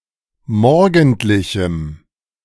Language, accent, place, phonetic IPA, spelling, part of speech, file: German, Germany, Berlin, [ˈmɔʁɡn̩tlɪçm̩], morgendlichem, adjective, De-morgendlichem.ogg
- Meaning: strong dative masculine/neuter singular of morgendlich